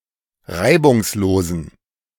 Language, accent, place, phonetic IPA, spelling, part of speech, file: German, Germany, Berlin, [ˈʁaɪ̯bʊŋsˌloːzn̩], reibungslosen, adjective, De-reibungslosen.ogg
- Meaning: inflection of reibungslos: 1. strong genitive masculine/neuter singular 2. weak/mixed genitive/dative all-gender singular 3. strong/weak/mixed accusative masculine singular 4. strong dative plural